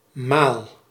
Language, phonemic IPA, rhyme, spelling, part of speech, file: Dutch, /maːl/, -aːl, maal, noun / verb, Nl-maal.ogg
- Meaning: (noun) 1. meal 2. time, turn, occurrence 3. stain 4. mark, marking 5. calf (young cow); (verb) inflection of malen: first-person singular present indicative